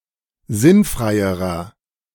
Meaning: inflection of sinnfrei: 1. strong/mixed nominative masculine singular comparative degree 2. strong genitive/dative feminine singular comparative degree 3. strong genitive plural comparative degree
- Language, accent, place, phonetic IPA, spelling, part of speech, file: German, Germany, Berlin, [ˈzɪnˌfʁaɪ̯əʁɐ], sinnfreierer, adjective, De-sinnfreierer.ogg